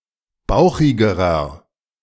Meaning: inflection of bauchig: 1. strong/mixed nominative masculine singular comparative degree 2. strong genitive/dative feminine singular comparative degree 3. strong genitive plural comparative degree
- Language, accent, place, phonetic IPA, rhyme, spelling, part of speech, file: German, Germany, Berlin, [ˈbaʊ̯xɪɡəʁɐ], -aʊ̯xɪɡəʁɐ, bauchigerer, adjective, De-bauchigerer.ogg